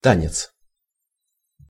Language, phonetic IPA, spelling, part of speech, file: Russian, [ˈtanʲɪt͡s], танец, noun, Ru-танец.ogg
- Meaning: dance (movements to music)